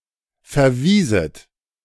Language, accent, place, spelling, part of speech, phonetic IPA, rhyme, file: German, Germany, Berlin, verwieset, verb, [fɛɐ̯ˈviːzət], -iːzət, De-verwieset.ogg
- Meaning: second-person plural subjunctive II of verweisen